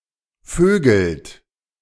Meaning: inflection of vögeln: 1. third-person singular present 2. second-person plural present 3. plural imperative
- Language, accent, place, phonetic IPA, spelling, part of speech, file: German, Germany, Berlin, [ˈføːɡl̩t], vögelt, verb, De-vögelt.ogg